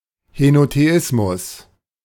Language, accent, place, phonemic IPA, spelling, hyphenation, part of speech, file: German, Germany, Berlin, /henoteˈʔɪsmʊs/, Henotheismus, He‧no‧the‧is‧mus, noun, De-Henotheismus.ogg
- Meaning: henotheism (belief in one ("main") deity without denying the existence of other deities)